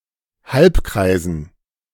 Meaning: dative plural of Halbkreis
- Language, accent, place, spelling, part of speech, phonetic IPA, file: German, Germany, Berlin, Halbkreisen, noun, [ˈhalpˌkʁaɪ̯zn̩], De-Halbkreisen.ogg